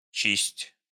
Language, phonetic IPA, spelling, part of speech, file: Russian, [t͡ɕisʲtʲ], чисть, verb, Ru-чисть.ogg
- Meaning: second-person singular imperative imperfective of чи́стить (čístitʹ)